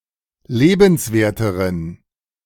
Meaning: inflection of lebenswert: 1. strong genitive masculine/neuter singular comparative degree 2. weak/mixed genitive/dative all-gender singular comparative degree
- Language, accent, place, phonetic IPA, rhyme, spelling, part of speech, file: German, Germany, Berlin, [ˈleːbn̩sˌveːɐ̯təʁən], -eːbn̩sveːɐ̯təʁən, lebenswerteren, adjective, De-lebenswerteren.ogg